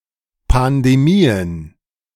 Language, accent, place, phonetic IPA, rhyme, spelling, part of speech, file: German, Germany, Berlin, [pandeˈmiːən], -iːən, Pandemien, noun, De-Pandemien.ogg
- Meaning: plural of Pandemie